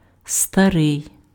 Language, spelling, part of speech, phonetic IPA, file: Ukrainian, старий, adjective, [stɐˈrɪi̯], Uk-старий.ogg
- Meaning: 1. old, ancient 2. old (of a person)